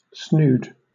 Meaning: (noun) A band or ribbon for keeping the hair in place, including the hair-band formerly worn in Scotland and northern England by young unmarried women
- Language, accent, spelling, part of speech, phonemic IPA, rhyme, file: English, Southern England, snood, noun / verb, /snuːd/, -uːd, LL-Q1860 (eng)-snood.wav